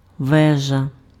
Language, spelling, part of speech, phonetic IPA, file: Ukrainian, вежа, noun, [ˈʋɛʒɐ], Uk-вежа.ogg
- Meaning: 1. tower 2. prison, jail 3. turret